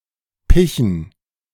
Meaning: to cover with pitch
- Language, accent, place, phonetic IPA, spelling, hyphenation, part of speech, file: German, Germany, Berlin, [ˈpɪçn̩], pichen, pi‧chen, verb, De-pichen.ogg